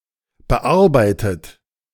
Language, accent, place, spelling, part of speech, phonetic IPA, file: German, Germany, Berlin, bearbeitet, verb, [bəˈʔaʁbaɪ̯tət], De-bearbeitet.ogg
- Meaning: past participle of bearbeiten